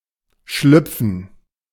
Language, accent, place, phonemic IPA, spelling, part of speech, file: German, Germany, Berlin, /ˈʃlʏpfən/, schlüpfen, verb, De-schlüpfen.ogg
- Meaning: 1. to slip (move quickly) 2. to hatch